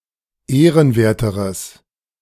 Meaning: strong/mixed nominative/accusative neuter singular comparative degree of ehrenwert
- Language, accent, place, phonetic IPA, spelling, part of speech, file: German, Germany, Berlin, [ˈeːʁənˌveːɐ̯təʁəs], ehrenwerteres, adjective, De-ehrenwerteres.ogg